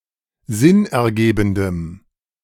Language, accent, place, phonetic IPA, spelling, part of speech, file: German, Germany, Berlin, [ˈzɪnʔɛɐ̯ˌɡeːbn̩dəm], sinnergebendem, adjective, De-sinnergebendem.ogg
- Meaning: strong dative masculine/neuter singular of sinnergebend